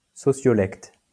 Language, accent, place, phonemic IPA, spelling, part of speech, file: French, France, Lyon, /sɔ.sjɔ.lɛkt/, sociolecte, noun, LL-Q150 (fra)-sociolecte.wav
- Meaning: sociolect